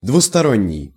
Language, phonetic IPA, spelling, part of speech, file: Russian, [dvʊstɐˈronʲːɪj], двусторонний, adjective, Ru-двусторонний.ogg
- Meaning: 1. double-sided, two-sided 2. bilateral, bipartite, two-way 3. reversible